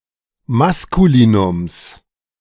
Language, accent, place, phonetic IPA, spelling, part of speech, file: German, Germany, Berlin, [ˈmaskuliːnʊms], Maskulinums, noun, De-Maskulinums.ogg
- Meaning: genitive singular of Maskulinum